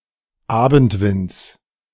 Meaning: genitive singular of Abendwind
- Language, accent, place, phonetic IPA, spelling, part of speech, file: German, Germany, Berlin, [ˈaːbn̩tˌvɪnt͡s], Abendwinds, noun, De-Abendwinds.ogg